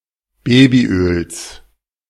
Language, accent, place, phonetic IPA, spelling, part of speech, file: German, Germany, Berlin, [ˈbeːbiˌʔøːls], Babyöls, noun, De-Babyöls.ogg
- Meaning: genitive singular of Babyöl